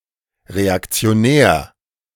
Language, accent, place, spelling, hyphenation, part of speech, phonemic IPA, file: German, Germany, Berlin, Reaktionär, Re‧ak‧ti‧o‧när, noun, /ʁeakt͡si̯oˈnɛːɐ̯/, De-Reaktionär.ogg
- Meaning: reactionary